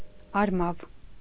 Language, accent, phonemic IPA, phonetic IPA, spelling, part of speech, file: Armenian, Eastern Armenian, /ɑɾˈmɑv/, [ɑɾmɑ́v], արմավ, noun, Hy-արմավ.ogg
- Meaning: 1. date (fruit) 2. palm tree